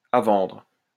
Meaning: for sale
- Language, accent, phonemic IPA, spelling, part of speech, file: French, France, /a vɑ̃dʁ/, à vendre, adjective, LL-Q150 (fra)-à vendre.wav